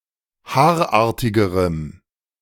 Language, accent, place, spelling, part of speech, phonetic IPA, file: German, Germany, Berlin, haarartigerem, adjective, [ˈhaːɐ̯ˌʔaːɐ̯tɪɡəʁəm], De-haarartigerem.ogg
- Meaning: strong dative masculine/neuter singular comparative degree of haarartig